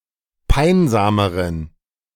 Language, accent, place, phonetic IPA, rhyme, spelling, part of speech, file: German, Germany, Berlin, [ˈpaɪ̯nzaːməʁən], -aɪ̯nzaːməʁən, peinsameren, adjective, De-peinsameren.ogg
- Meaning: inflection of peinsam: 1. strong genitive masculine/neuter singular comparative degree 2. weak/mixed genitive/dative all-gender singular comparative degree